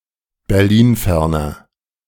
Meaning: inflection of berlinfern: 1. strong/mixed nominative masculine singular 2. strong genitive/dative feminine singular 3. strong genitive plural
- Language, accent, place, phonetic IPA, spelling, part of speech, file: German, Germany, Berlin, [bɛʁˈliːnˌfɛʁnɐ], berlinferner, adjective, De-berlinferner.ogg